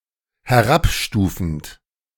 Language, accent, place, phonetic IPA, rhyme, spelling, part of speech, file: German, Germany, Berlin, [hɛˈʁapˌʃtuːfn̩t], -apʃtuːfn̩t, herabstufend, verb, De-herabstufend.ogg
- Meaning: present participle of herabstufen